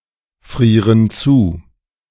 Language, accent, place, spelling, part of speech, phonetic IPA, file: German, Germany, Berlin, frieren zu, verb, [ˌfʁiːʁən ˈt͡suː], De-frieren zu.ogg
- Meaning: inflection of zufrieren: 1. first/third-person plural present 2. first/third-person plural subjunctive I